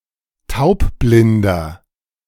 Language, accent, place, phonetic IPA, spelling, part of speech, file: German, Germany, Berlin, [ˈtaʊ̯pˌblɪndɐ], taubblinder, adjective, De-taubblinder.ogg
- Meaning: inflection of taubblind: 1. strong/mixed nominative masculine singular 2. strong genitive/dative feminine singular 3. strong genitive plural